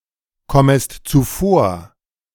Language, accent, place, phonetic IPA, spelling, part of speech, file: German, Germany, Berlin, [ˌkɔməst t͡suˈfoːɐ̯], kommest zuvor, verb, De-kommest zuvor.ogg
- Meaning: second-person singular subjunctive I of zuvorkommen